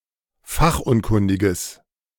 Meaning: strong/mixed nominative/accusative neuter singular of fachunkundig
- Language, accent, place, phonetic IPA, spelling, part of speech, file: German, Germany, Berlin, [ˈfaxʔʊnˌkʊndɪɡəs], fachunkundiges, adjective, De-fachunkundiges.ogg